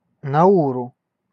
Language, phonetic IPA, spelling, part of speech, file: Russian, [nɐˈurʊ], Науру, proper noun, Ru-Науру.ogg
- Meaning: Nauru (a country and island of Oceania, in the Pacific Ocean)